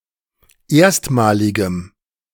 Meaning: strong dative masculine/neuter singular of erstmalig
- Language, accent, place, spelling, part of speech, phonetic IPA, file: German, Germany, Berlin, erstmaligem, adjective, [ˈeːɐ̯stmaːlɪɡəm], De-erstmaligem.ogg